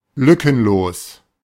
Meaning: 1. without a gap, gapless 2. complete
- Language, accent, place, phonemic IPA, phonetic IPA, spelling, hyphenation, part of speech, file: German, Germany, Berlin, /ˈlʏkənˌloːs/, [ˈlʏkʰn̩ˌloːs], lückenlos, lü‧cken‧los, adjective, De-lückenlos.ogg